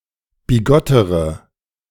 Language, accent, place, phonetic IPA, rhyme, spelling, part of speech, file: German, Germany, Berlin, [biˈɡɔtəʁə], -ɔtəʁə, bigottere, adjective, De-bigottere.ogg
- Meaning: inflection of bigott: 1. strong/mixed nominative/accusative feminine singular comparative degree 2. strong nominative/accusative plural comparative degree